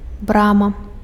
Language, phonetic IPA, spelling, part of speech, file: Belarusian, [ˈbrama], брама, noun, Be-брама.ogg
- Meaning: gate